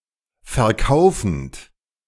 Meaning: present participle of verkaufen
- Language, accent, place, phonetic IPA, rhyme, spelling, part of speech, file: German, Germany, Berlin, [fɛɐ̯ˈkaʊ̯fn̩t], -aʊ̯fn̩t, verkaufend, verb, De-verkaufend.ogg